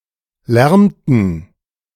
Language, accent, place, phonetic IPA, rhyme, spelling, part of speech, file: German, Germany, Berlin, [ˈlɛʁmtn̩], -ɛʁmtn̩, lärmten, verb, De-lärmten.ogg
- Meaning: inflection of lärmen: 1. first/third-person plural preterite 2. first/third-person plural subjunctive II